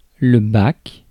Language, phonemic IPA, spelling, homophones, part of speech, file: French, /bak/, bac, BAC, noun, Fr-bac.ogg
- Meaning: 1. ferry 2. vat 3. tray (at the airport) 4. high school exit exam in France; A level, matura 5. bachelor's degree